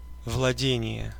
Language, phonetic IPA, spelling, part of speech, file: Russian, [vɫɐˈdʲenʲɪje], владение, noun, Ru-владение.ogg
- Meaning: 1. possession, ownership 2. property, domain, estate 3. fluency, knowledge, mastery (of a language)